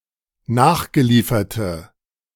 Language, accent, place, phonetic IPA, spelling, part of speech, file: German, Germany, Berlin, [ˈnaːxɡəˌliːfɐtə], nachgelieferte, adjective, De-nachgelieferte.ogg
- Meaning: inflection of nachgeliefert: 1. strong/mixed nominative/accusative feminine singular 2. strong nominative/accusative plural 3. weak nominative all-gender singular